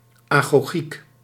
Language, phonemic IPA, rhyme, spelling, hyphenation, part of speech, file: Dutch, /aː.ɣoːˈɣik/, -ik, agogiek, ago‧giek, noun, Nl-agogiek.ogg
- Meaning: 1. a theoretic system of education, bildung or social work 2. agogic